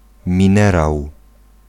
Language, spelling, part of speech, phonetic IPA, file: Polish, minerał, noun, [mʲĩˈnɛraw], Pl-minerał.ogg